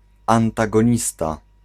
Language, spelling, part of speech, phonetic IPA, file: Polish, antagonista, noun, [ˌãntaɡɔ̃ˈɲista], Pl-antagonista.ogg